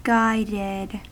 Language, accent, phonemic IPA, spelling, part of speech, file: English, US, /ˈɡaɪdɪd/, guided, verb / adjective, En-us-guided.ogg
- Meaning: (verb) simple past and past participle of guide; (adjective) Subject to guidance